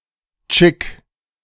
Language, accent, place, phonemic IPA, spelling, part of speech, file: German, Germany, Berlin, /t͡ʃɪk/, Tschick, noun, De-Tschick.ogg
- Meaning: 1. cigarette 2. cigarette butt